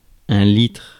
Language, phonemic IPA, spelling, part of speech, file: French, /litʁ/, litre, noun, Fr-litre.ogg
- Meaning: litre